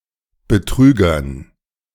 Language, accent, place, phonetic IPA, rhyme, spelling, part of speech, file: German, Germany, Berlin, [bəˈtʁyːɡɐn], -yːɡɐn, Betrügern, noun, De-Betrügern.ogg
- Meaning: dative plural of Betrüger